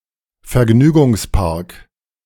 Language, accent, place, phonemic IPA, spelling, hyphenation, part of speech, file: German, Germany, Berlin, /fɛɐ̯ˈɡnyːɡʊŋsˌpaʁk/, Vergnügungspark, Ver‧gnü‧gungs‧park, noun, De-Vergnügungspark.ogg
- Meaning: amusement park